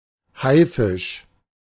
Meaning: synonym of Hai (“shark”)
- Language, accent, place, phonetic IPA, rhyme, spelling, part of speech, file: German, Germany, Berlin, [ˈhaɪ̯ˌfɪʃ], -aɪ̯fɪʃ, Haifisch, noun, De-Haifisch.ogg